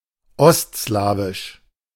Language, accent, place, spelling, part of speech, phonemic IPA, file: German, Germany, Berlin, ostslawisch, adjective, /ˈɔstslaːvɪʃ/, De-ostslawisch.ogg
- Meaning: East Slavic